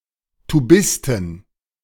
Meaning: plural of Tubist
- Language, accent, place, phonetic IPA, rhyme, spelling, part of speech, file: German, Germany, Berlin, [tuˈbɪstn̩], -ɪstn̩, Tubisten, noun, De-Tubisten.ogg